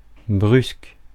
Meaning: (adjective) 1. abrupt (sudden or hasty) 2. curt; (verb) inflection of brusquer: 1. first/third-person singular present indicative/subjunctive 2. second-person singular imperative
- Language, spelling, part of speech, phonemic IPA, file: French, brusque, adjective / verb, /bʁysk/, Fr-brusque.ogg